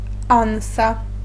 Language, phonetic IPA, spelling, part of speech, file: Polish, [ˈãw̃sa], ansa, noun, Pl-ansa.ogg